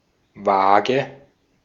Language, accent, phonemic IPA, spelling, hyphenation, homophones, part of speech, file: German, Austria, /ˈvaːɡə/, Waage, Waa‧ge, vage / wage, noun / proper noun, De-at-Waage.ogg
- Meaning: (noun) 1. scales (weighing machine) 2. Libra; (proper noun) a surname